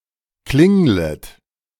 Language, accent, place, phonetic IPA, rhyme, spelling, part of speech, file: German, Germany, Berlin, [ˈklɪŋlət], -ɪŋlət, klinglet, verb, De-klinglet.ogg
- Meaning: second-person plural subjunctive I of klingeln